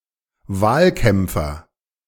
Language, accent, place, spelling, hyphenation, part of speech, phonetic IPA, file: German, Germany, Berlin, Wahlkämpfer, Wahl‧kämp‧fer, noun, [ˈvaːlˌkɛmpfɐ], De-Wahlkämpfer.ogg
- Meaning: election campaigner